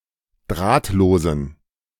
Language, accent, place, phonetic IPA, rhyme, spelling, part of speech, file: German, Germany, Berlin, [ˈdʁaːtˌloːzn̩], -aːtloːzn̩, drahtlosen, adjective, De-drahtlosen.ogg
- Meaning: inflection of drahtlos: 1. strong genitive masculine/neuter singular 2. weak/mixed genitive/dative all-gender singular 3. strong/weak/mixed accusative masculine singular 4. strong dative plural